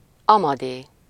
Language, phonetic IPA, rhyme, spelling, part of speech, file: Hungarian, [ˈɒmɒdeː], -deː, Amadé, proper noun, Hu-Amadé.ogg
- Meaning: a male given name from Latin, equivalent to English Amadeus